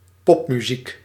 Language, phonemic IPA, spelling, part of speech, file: Dutch, /ˈpɔpmyˌzik/, popmuziek, noun, Nl-popmuziek.ogg
- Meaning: pop music